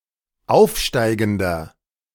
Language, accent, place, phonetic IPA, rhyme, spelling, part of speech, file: German, Germany, Berlin, [ˈaʊ̯fˌʃtaɪ̯ɡn̩dɐ], -aʊ̯fʃtaɪ̯ɡn̩dɐ, aufsteigender, adjective, De-aufsteigender.ogg
- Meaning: inflection of aufsteigend: 1. strong/mixed nominative masculine singular 2. strong genitive/dative feminine singular 3. strong genitive plural